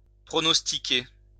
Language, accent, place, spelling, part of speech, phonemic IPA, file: French, France, Lyon, pronostiquer, verb, /pʁɔ.nɔs.ti.ke/, LL-Q150 (fra)-pronostiquer.wav
- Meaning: to predict; to foretell; to prognosticate